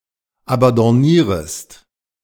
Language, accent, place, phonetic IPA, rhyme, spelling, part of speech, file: German, Germany, Berlin, [abɑ̃dɔˈniːʁəst], -iːʁəst, abandonnierest, verb, De-abandonnierest.ogg
- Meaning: second-person singular subjunctive I of abandonnieren